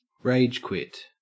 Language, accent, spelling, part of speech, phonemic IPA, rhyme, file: English, Australia, ragequit, noun / verb, /ˈɹeɪd͡ʒˌkwɪt/, -ɪt, En-au-ragequit.ogg
- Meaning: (noun) The act of quitting an online video game in anger; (verb) 1. To quit an online video game in anger 2. To quit (something) in anger